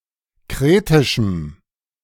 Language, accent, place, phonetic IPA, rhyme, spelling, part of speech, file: German, Germany, Berlin, [ˈkʁeːtɪʃm̩], -eːtɪʃm̩, kretischem, adjective, De-kretischem.ogg
- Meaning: strong dative masculine/neuter singular of kretisch